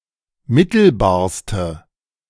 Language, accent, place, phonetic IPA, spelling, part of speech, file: German, Germany, Berlin, [ˈmɪtl̩baːɐ̯stə], mittelbarste, adjective, De-mittelbarste.ogg
- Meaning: inflection of mittelbar: 1. strong/mixed nominative/accusative feminine singular superlative degree 2. strong nominative/accusative plural superlative degree